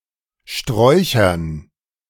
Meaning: dative plural of Strauch
- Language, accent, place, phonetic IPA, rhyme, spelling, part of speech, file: German, Germany, Berlin, [ˈʃtʁɔɪ̯çɐn], -ɔɪ̯çɐn, Sträuchern, noun, De-Sträuchern.ogg